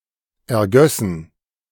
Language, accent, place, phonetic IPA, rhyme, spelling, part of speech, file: German, Germany, Berlin, [ɛɐ̯ˈɡœsn̩], -œsn̩, ergössen, verb, De-ergössen.ogg
- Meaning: first-person plural subjunctive II of ergießen